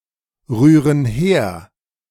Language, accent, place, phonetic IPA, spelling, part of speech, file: German, Germany, Berlin, [ˌʁyːʁən ˈheːɐ̯], rühren her, verb, De-rühren her.ogg
- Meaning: inflection of herrühren: 1. first/third-person plural present 2. first/third-person plural subjunctive I